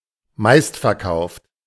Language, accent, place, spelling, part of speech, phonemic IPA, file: German, Germany, Berlin, meistverkauft, adjective, /ˈmaɪ̯stfɛɐ̯ˌkaʊ̯ft/, De-meistverkauft.ogg
- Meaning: most-sold